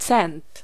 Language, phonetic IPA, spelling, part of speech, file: Polish, [t͡sɛ̃nt], cent, noun, Pl-cent.ogg